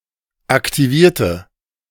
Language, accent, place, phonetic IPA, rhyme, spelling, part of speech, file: German, Germany, Berlin, [aktiˈviːɐ̯tə], -iːɐ̯tə, aktivierte, adjective / verb, De-aktivierte.ogg
- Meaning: inflection of aktivieren: 1. first/third-person singular preterite 2. first/third-person singular subjunctive II